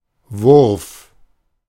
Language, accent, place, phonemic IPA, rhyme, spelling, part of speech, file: German, Germany, Berlin, /vʊʁf/, -ʊʁf, Wurf, noun, De-Wurf.ogg
- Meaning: 1. throw 2. litter (of cubs)